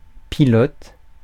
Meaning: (noun) 1. pilot (controller of aircraft) 2. pilot (controller of vessel) 3. driver (controller of a racecar) 4. driver (computing) 5. pilot (miniature prototype)
- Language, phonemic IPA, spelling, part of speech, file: French, /pi.lɔt/, pilote, noun / verb, Fr-pilote.ogg